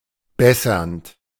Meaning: present participle of bessern
- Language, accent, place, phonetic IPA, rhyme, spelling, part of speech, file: German, Germany, Berlin, [ˈbɛsɐnt], -ɛsɐnt, bessernd, verb, De-bessernd.ogg